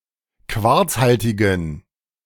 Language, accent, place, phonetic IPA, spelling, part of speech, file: German, Germany, Berlin, [ˈkvaʁt͡sˌhaltɪɡn̩], quarzhaltigen, adjective, De-quarzhaltigen.ogg
- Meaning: inflection of quarzhaltig: 1. strong genitive masculine/neuter singular 2. weak/mixed genitive/dative all-gender singular 3. strong/weak/mixed accusative masculine singular 4. strong dative plural